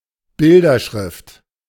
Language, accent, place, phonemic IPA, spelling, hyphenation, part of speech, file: German, Germany, Berlin, /ˈbɪldɐˌʃʁɪft/, Bilderschrift, Bil‧der‧schrift, noun, De-Bilderschrift.ogg
- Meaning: pictographic writing system